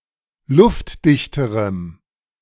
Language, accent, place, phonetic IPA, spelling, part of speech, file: German, Germany, Berlin, [ˈlʊftˌdɪçtəʁəm], luftdichterem, adjective, De-luftdichterem.ogg
- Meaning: strong dative masculine/neuter singular comparative degree of luftdicht